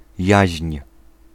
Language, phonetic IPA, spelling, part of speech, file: Polish, [jäɕɲ̊], jaźń, noun, Pl-jaźń.ogg